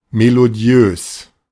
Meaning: melodious
- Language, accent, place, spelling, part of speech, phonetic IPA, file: German, Germany, Berlin, melodiös, adjective, [meloˈdi̯øːs], De-melodiös.ogg